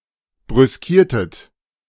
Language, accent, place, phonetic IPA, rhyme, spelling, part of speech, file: German, Germany, Berlin, [bʁʏsˈkiːɐ̯tət], -iːɐ̯tət, brüskiertet, verb, De-brüskiertet.ogg
- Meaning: inflection of brüskieren: 1. second-person plural preterite 2. second-person plural subjunctive II